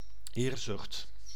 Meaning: ambition (with negative connotations)
- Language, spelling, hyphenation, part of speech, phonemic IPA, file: Dutch, eerzucht, eer‧zucht, noun, /ˈeːr.zʏxt/, Nl-eerzucht.ogg